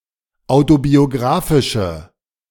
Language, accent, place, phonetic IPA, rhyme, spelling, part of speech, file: German, Germany, Berlin, [ˌaʊ̯tobioˈɡʁaːfɪʃə], -aːfɪʃə, autobiographische, adjective, De-autobiographische.ogg
- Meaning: inflection of autobiographisch: 1. strong/mixed nominative/accusative feminine singular 2. strong nominative/accusative plural 3. weak nominative all-gender singular